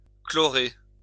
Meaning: to chlorinate
- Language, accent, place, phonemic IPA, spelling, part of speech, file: French, France, Lyon, /klɔ.ʁe/, chlorer, verb, LL-Q150 (fra)-chlorer.wav